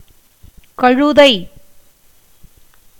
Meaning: 1. donkey, ass 2. dolt 3. a term of abuse or endearment
- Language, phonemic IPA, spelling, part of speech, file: Tamil, /kɐɻʊd̪ɐɪ̯/, கழுதை, noun, Ta-கழுதை.ogg